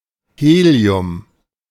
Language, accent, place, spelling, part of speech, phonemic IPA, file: German, Germany, Berlin, Helium, noun, /ˈheːli̯ʊm/, De-Helium.ogg
- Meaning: helium; the chemical element and lighest noble gas with the atomic number 2